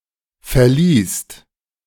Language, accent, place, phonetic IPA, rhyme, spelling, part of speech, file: German, Germany, Berlin, [fɛɐ̯ˈliːst], -iːst, verliehst, verb, De-verliehst.ogg
- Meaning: second-person singular preterite of verleihen